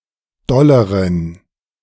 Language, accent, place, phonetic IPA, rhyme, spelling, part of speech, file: German, Germany, Berlin, [ˈdɔləʁən], -ɔləʁən, dolleren, adjective, De-dolleren.ogg
- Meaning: inflection of doll: 1. strong genitive masculine/neuter singular comparative degree 2. weak/mixed genitive/dative all-gender singular comparative degree